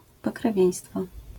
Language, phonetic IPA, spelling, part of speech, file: Polish, [ˌpɔkrɛˈvʲjɛ̇̃j̃stfɔ], pokrewieństwo, noun, LL-Q809 (pol)-pokrewieństwo.wav